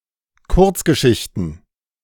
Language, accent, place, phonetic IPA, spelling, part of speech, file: German, Germany, Berlin, [ˈkʊʁt͡sɡəˌʃɪçtn̩], Kurzgeschichten, noun, De-Kurzgeschichten.ogg
- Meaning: plural of Kurzgeschichte